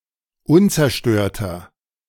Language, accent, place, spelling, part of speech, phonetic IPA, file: German, Germany, Berlin, unzerstörter, adjective, [ˈʊnt͡sɛɐ̯ˌʃtøːɐ̯tɐ], De-unzerstörter.ogg
- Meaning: 1. comparative degree of unzerstört 2. inflection of unzerstört: strong/mixed nominative masculine singular 3. inflection of unzerstört: strong genitive/dative feminine singular